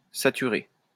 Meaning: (verb) past participle of saturer; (adjective) saturated
- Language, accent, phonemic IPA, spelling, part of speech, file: French, France, /sa.ty.ʁe/, saturé, verb / adjective, LL-Q150 (fra)-saturé.wav